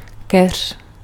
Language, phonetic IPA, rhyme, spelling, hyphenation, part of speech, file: Czech, [ˈkɛr̝̊], -ɛr̝̊, keř, keř, noun, Cs-keř.ogg
- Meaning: bush, shrub